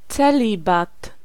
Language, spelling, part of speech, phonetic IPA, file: Polish, celibat, noun, [t͡sɛˈlʲibat], Pl-celibat.ogg